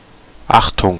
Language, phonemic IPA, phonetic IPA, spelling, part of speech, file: German, /ˈaxtʊŋ/, [ˈʔaχtʊŋ(k)], Achtung, noun / interjection, De-Achtung.ogg
- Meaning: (noun) 1. attention 2. esteem 3. respect; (interjection) watch out, attention, warning or caution